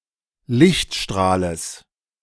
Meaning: genitive singular of Lichtstrahl
- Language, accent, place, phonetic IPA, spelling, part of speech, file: German, Germany, Berlin, [ˈlɪçtˌʃtʁaːləs], Lichtstrahles, noun, De-Lichtstrahles.ogg